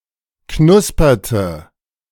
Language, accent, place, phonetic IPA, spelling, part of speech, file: German, Germany, Berlin, [ˈknʊspɐtə], knusperte, verb, De-knusperte.ogg
- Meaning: inflection of knuspern: 1. first/third-person singular preterite 2. first/third-person singular subjunctive II